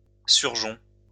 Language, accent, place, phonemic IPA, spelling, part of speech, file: French, France, Lyon, /syʁ.ʒɔ̃/, surgeon, noun, LL-Q150 (fra)-surgeon.wav
- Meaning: 1. shoot (new growth from the trunk of a tree) 2. offshoot, rebirth (something that is reborn or grows out of something else again) 3. offspring, progeny (descendant of someone)